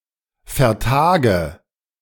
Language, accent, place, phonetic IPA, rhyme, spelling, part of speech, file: German, Germany, Berlin, [fɛɐ̯ˈtaːɡə], -aːɡə, vertage, verb, De-vertage.ogg
- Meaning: inflection of vertagen: 1. first-person singular present 2. first/third-person singular subjunctive I 3. singular imperative